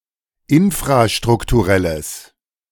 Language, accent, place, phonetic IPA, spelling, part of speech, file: German, Germany, Berlin, [ˈɪnfʁaʃtʁʊktuˌʁɛləs], infrastrukturelles, adjective, De-infrastrukturelles.ogg
- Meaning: strong/mixed nominative/accusative neuter singular of infrastrukturell